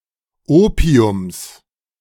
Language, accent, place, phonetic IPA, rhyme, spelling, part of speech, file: German, Germany, Berlin, [ˈoːpi̯ʊms], -oːpi̯ʊms, Opiums, noun, De-Opiums.ogg
- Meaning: genitive singular of Opium